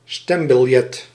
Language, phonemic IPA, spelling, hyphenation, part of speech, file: Dutch, /ˈstɛm.bɪlˌjɛt/, stembiljet, stem‧bil‧jet, noun, Nl-stembiljet.ogg
- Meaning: ballot